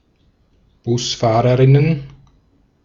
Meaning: plural of Busfahrerin
- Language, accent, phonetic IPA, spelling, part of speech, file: German, Austria, [ˈbʊsˌfaːʁəʁɪnən], Busfahrerinnen, noun, De-at-Busfahrerinnen.ogg